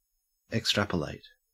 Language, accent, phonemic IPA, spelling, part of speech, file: English, Australia, /ekˈstɹæp.əˌlæɪt/, extrapolate, verb, En-au-extrapolate.ogg
- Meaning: To infer by extending known information